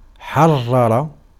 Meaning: 1. to free, to liberate, to emancipate 2. to devote to the service of religion 3. to examine minutely 4. to verify 5. to compose carefully, to write accurately 6. to make an accurate reckoning of
- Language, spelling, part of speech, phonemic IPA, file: Arabic, حرر, verb, /ħar.ra.ra/, Ar-حرر.ogg